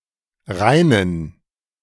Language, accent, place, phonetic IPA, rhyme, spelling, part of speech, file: German, Germany, Berlin, [ˈʁaɪ̯nən], -aɪ̯nən, reinen, adjective, De-reinen.ogg
- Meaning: inflection of rein: 1. strong genitive masculine/neuter singular 2. weak/mixed genitive/dative all-gender singular 3. strong/weak/mixed accusative masculine singular 4. strong dative plural